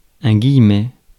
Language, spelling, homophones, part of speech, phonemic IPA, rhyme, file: French, guillemet, guillemets, noun, /ɡij.mɛ/, -ɛ, Fr-guillemet.ogg
- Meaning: 1. quotation mark 2. guillemet